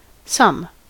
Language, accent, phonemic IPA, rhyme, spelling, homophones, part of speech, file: English, US, /sʌm/, -ʌm, sum, some, noun / verb / determiner / pronoun, En-us-sum.ogg
- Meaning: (noun) 1. A quantity obtained by addition or aggregation 2. An arithmetic computation, especially one posed to a student as an exercise (not necessarily limited to addition) 3. A quantity of money